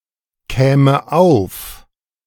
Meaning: first/third-person singular subjunctive II of aufkommen
- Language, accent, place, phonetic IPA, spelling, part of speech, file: German, Germany, Berlin, [ˌkɛːmə ˈaʊ̯f], käme auf, verb, De-käme auf.ogg